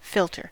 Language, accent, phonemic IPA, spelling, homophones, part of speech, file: English, US, /ˈfɪltɚ/, filter, philter, noun / verb, En-us-filter.ogg
- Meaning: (noun) A device which separates a suspended, dissolved, or particulate matter from a fluid, solution, or other substance; any device that separates one substance from another